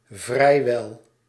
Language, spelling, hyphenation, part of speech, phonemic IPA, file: Dutch, vrijwel, vrij‧wel, adverb, /ˈvrɛi̯.ʋɛl/, Nl-vrijwel.ogg
- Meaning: almost